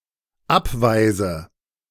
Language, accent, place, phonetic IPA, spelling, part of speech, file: German, Germany, Berlin, [ˈapˌvaɪ̯zə], abweise, verb, De-abweise.ogg
- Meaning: inflection of abweisen: 1. first-person singular dependent present 2. first/third-person singular dependent subjunctive I